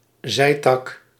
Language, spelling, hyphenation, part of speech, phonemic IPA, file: Dutch, zijtak, zij‧tak, noun, /ˈzɛi̯.tɑk/, Nl-zijtak.ogg
- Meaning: 1. a branch originating from a larger part of a tree 2. an offshoot of a river 3. ramification, offshoot, spur (something that derives from another)